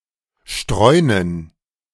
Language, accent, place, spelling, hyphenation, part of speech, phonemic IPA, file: German, Germany, Berlin, streunen, streu‧nen, verb, /ˈʃtʁɔɪ̯nən/, De-streunen.ogg
- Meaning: to stray